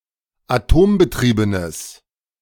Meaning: strong/mixed nominative/accusative neuter singular of atombetrieben
- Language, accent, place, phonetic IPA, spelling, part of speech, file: German, Germany, Berlin, [aˈtoːmbəˌtʁiːbənəs], atombetriebenes, adjective, De-atombetriebenes.ogg